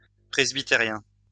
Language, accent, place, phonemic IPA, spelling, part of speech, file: French, France, Lyon, /pʁɛz.bi.te.ʁjɛ̃/, presbytérien, adjective / noun, LL-Q150 (fra)-presbytérien.wav
- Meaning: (adjective) presbyterian; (noun) Presbyterian